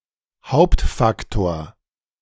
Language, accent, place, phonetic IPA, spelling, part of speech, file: German, Germany, Berlin, [ˈhaʊ̯ptfakˌtoːɐ̯], Hauptfaktor, noun, De-Hauptfaktor.ogg
- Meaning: main / chief factor